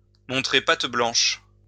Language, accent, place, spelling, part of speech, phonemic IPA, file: French, France, Lyon, montrer patte blanche, verb, /mɔ̃.tʁe pat blɑ̃ʃ/, LL-Q150 (fra)-montrer patte blanche.wav
- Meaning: to prove one's identity, to state one's credentials, to show one's ID, to present papers (to identify oneself to prove that one has the right to enter a place)